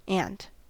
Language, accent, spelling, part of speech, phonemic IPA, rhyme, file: English, US, ant, noun / verb, /ænt/, -ænt, En-us-ant.ogg
- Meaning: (noun) 1. Any of various insects in the family Formicidae in the order Hymenoptera, typically living in large colonies composed almost entirely of flightless females 2. A Web spider